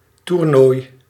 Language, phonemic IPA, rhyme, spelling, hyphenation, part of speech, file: Dutch, /turˈnoːi̯/, -oːi̯, toernooi, toer‧nooi, noun, Nl-toernooi.ogg
- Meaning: tournament